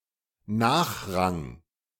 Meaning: 1. a subordinant or less important thing 2. the obligation to give the right of way to others on the road
- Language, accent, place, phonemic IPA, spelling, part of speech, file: German, Germany, Berlin, /ˈnaːxˌʁaŋ/, Nachrang, noun, De-Nachrang.ogg